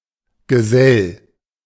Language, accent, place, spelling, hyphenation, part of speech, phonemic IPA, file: German, Germany, Berlin, Gesell, Ge‧sell, noun / proper noun, /ɡəˈzɛl/, De-Gesell.ogg
- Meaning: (noun) alternative form of Geselle; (proper noun) German economist and entrepreneur Silvio Gesell (1862–1930)